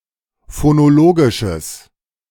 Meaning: strong/mixed nominative/accusative neuter singular of phonologisch
- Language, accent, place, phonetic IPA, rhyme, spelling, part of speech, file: German, Germany, Berlin, [fonoˈloːɡɪʃəs], -oːɡɪʃəs, phonologisches, adjective, De-phonologisches.ogg